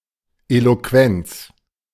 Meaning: eloquence
- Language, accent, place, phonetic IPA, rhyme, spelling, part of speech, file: German, Germany, Berlin, [ˌeloˈkvɛnt͡s], -ɛnt͡s, Eloquenz, noun, De-Eloquenz.ogg